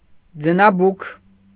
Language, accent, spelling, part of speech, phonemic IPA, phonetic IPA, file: Armenian, Eastern Armenian, ձնաբուք, noun, /d͡zənɑˈbukʰ/, [d͡zənɑbúkʰ], Hy-ձնաբուք.ogg
- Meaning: blizzard